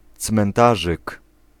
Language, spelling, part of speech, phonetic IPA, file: Polish, cmentarzyk, noun, [t͡smɛ̃nˈtaʒɨk], Pl-cmentarzyk.ogg